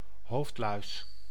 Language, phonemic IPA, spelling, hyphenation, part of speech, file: Dutch, /ˈɦoːft.lœy̯s/, hoofdluis, hoofd‧luis, noun, Nl-hoofdluis.ogg
- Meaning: head louse (Pediculus humanus capitis)